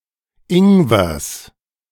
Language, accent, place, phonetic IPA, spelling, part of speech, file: German, Germany, Berlin, [ˈɪŋvɐs], Ingwers, noun, De-Ingwers.ogg
- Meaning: genitive singular of Ingwer